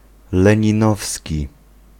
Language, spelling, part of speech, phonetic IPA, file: Polish, leninowski, adjective, [ˌlɛ̃ɲĩˈnɔfsʲci], Pl-leninowski.ogg